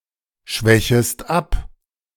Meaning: second-person singular subjunctive I of abschwächen
- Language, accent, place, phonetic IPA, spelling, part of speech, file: German, Germany, Berlin, [ˌʃvɛçəst ˈap], schwächest ab, verb, De-schwächest ab.ogg